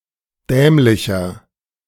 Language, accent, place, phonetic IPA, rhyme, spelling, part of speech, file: German, Germany, Berlin, [ˈdɛːmlɪçɐ], -ɛːmlɪçɐ, dämlicher, adjective, De-dämlicher.ogg
- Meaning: 1. comparative degree of dämlich 2. inflection of dämlich: strong/mixed nominative masculine singular 3. inflection of dämlich: strong genitive/dative feminine singular